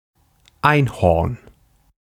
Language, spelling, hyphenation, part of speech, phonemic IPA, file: German, Einhorn, Ein‧horn, noun, /ˈaɪ̯nˌhɔrn/, De-Einhorn.ogg
- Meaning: unicorn